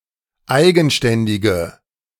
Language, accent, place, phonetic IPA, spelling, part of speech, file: German, Germany, Berlin, [ˈaɪ̯ɡn̩ˌʃtɛndɪɡə], eigenständige, adjective, De-eigenständige.ogg
- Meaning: inflection of eigenständig: 1. strong/mixed nominative/accusative feminine singular 2. strong nominative/accusative plural 3. weak nominative all-gender singular